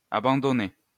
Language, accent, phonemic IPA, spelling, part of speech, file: French, France, /a.bɑ̃.dɔ.nɛ/, abandonnait, verb, LL-Q150 (fra)-abandonnait.wav
- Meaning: third-person singular imperfect indicative of abandonner